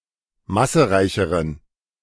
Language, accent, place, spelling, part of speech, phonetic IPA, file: German, Germany, Berlin, massereicheren, adjective, [ˈmasəˌʁaɪ̯çəʁən], De-massereicheren.ogg
- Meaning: inflection of massereich: 1. strong genitive masculine/neuter singular comparative degree 2. weak/mixed genitive/dative all-gender singular comparative degree